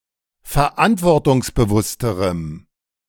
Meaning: strong dative masculine/neuter singular comparative degree of verantwortungsbewusst
- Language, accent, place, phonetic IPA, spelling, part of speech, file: German, Germany, Berlin, [fɛɐ̯ˈʔantvɔʁtʊŋsbəˌvʊstəʁəm], verantwortungsbewussterem, adjective, De-verantwortungsbewussterem.ogg